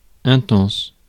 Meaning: intense
- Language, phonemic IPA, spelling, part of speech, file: French, /ɛ̃.tɑ̃s/, intense, adjective, Fr-intense.ogg